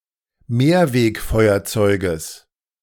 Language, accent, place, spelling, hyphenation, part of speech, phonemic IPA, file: German, Germany, Berlin, Mehrwegfeuerzeuges, Mehr‧weg‧feu‧er‧zeu‧ges, noun, /ˈmeːɐ̯ˌveːkˌfɔɪ̯ɐt͡sɔɪ̯ɡəs/, De-Mehrwegfeuerzeuges.ogg
- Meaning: genitive singular of Mehrwegfeuerzeug